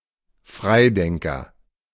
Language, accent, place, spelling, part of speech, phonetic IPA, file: German, Germany, Berlin, Freidenker, noun, [ˈfʁaɪ̯ˌdɛŋkɐ], De-Freidenker.ogg
- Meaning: freethinker